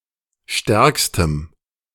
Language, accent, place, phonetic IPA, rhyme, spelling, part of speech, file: German, Germany, Berlin, [ˈʃtɛʁkstəm], -ɛʁkstəm, stärkstem, adjective, De-stärkstem.ogg
- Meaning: strong dative masculine/neuter singular superlative degree of stark